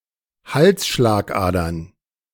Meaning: plural of Halsschlagader
- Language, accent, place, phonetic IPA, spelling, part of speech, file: German, Germany, Berlin, [ˈhalsʃlaːkˌʔaːdɐn], Halsschlagadern, noun, De-Halsschlagadern.ogg